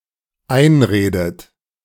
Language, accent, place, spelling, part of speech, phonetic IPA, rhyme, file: German, Germany, Berlin, einredet, verb, [ˈaɪ̯nˌʁeːdət], -aɪ̯nʁeːdət, De-einredet.ogg
- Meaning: inflection of einreden: 1. third-person singular dependent present 2. second-person plural dependent present 3. second-person plural dependent subjunctive I